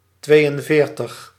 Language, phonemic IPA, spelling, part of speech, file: Dutch, /ˈtʋeːjənˌveːrtəx/, tweeënveertig, numeral, Nl-tweeënveertig.ogg
- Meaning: forty-two